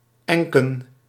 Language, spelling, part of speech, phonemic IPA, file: Dutch, enken, noun, /ˈɛŋkə(n)/, Nl-enken.ogg
- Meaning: plural of enk